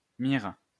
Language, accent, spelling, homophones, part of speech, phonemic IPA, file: French, France, mire, mir / myrrhe / mirent, noun / verb, /miʁ/, LL-Q150 (fra)-mire.wav
- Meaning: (noun) 1. aim (action of aiming) 2. foresight (of rifle) 3. target 4. test pattern 5. rod (measuring tool) 6. medieval physician